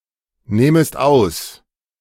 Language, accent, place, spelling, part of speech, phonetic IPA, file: German, Germany, Berlin, nähmest aus, verb, [ˌnɛːməst ˈaʊ̯s], De-nähmest aus.ogg
- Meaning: second-person singular subjunctive II of ausnehmen